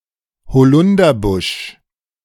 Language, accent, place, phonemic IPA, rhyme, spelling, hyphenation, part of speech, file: German, Germany, Berlin, /hoˈlʊndɐbʊʃ/, -ʊʃ, Holunderbusch, Ho‧lun‧der‧busch, noun, De-Holunderbusch.ogg
- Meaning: elder bush (A small tree or shrub, often specifically the European species Sambucus nigra.)